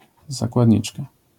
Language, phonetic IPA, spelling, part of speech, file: Polish, [ˌzakwadʲˈɲit͡ʃka], zakładniczka, noun, LL-Q809 (pol)-zakładniczka.wav